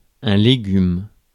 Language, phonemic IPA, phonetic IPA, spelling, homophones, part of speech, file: French, /le.ɡym/, [le.ɡym], légume, légumes, noun, Fr-légume.ogg
- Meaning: 1. vegetable 2. vegetable, cabbage (someone in a vegetative state) 3. legume; pod 4. couch potato